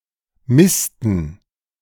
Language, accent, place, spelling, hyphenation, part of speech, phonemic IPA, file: German, Germany, Berlin, misten, mis‧ten, verb, /ˈmɪstn̩/, De-misten.ogg
- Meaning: 1. to manure 2. to crap (of animals)